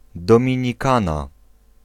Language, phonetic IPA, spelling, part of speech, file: Polish, [ˌdɔ̃mʲĩɲiˈkãna], Dominikana, proper noun, Pl-Dominikana.ogg